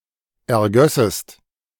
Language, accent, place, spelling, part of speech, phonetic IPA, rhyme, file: German, Germany, Berlin, ergössest, verb, [ɛɐ̯ˈɡœsəst], -œsəst, De-ergössest.ogg
- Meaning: second-person singular subjunctive II of ergießen